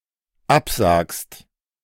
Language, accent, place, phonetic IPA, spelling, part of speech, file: German, Germany, Berlin, [ˈapˌzaːkst], absagst, verb, De-absagst.ogg
- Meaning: second-person singular dependent present of absagen